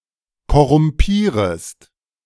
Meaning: second-person singular subjunctive I of korrumpieren
- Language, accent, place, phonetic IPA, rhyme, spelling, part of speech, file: German, Germany, Berlin, [kɔʁʊmˈpiːʁəst], -iːʁəst, korrumpierest, verb, De-korrumpierest.ogg